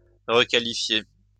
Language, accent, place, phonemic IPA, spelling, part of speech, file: French, France, Lyon, /ʁə.ka.li.fje/, requalifier, verb, LL-Q150 (fra)-requalifier.wav
- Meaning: to requalify